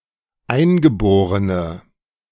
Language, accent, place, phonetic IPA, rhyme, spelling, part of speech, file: German, Germany, Berlin, [ˈaɪ̯nɡəˌboːʁənə], -aɪ̯nɡəboːʁənə, eingeborene, adjective, De-eingeborene.ogg
- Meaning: inflection of eingeboren: 1. strong/mixed nominative/accusative feminine singular 2. strong nominative/accusative plural 3. weak nominative all-gender singular